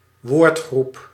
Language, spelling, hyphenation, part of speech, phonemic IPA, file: Dutch, woordgroep, woord‧groep, noun, /ˈwortxrup/, Nl-woordgroep.ogg
- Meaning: word category or word group